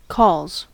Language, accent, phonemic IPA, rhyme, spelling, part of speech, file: English, US, /kɔlz/, -ɔːlz, calls, noun / verb, En-us-calls.ogg
- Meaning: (noun) plural of call; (verb) third-person singular simple present indicative of call